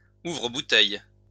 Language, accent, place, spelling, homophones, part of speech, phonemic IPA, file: French, France, Lyon, ouvre-bouteille, ouvre-bouteilles, noun, /u.vʁə.bu.tɛj/, LL-Q150 (fra)-ouvre-bouteille.wav
- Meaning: bottle opener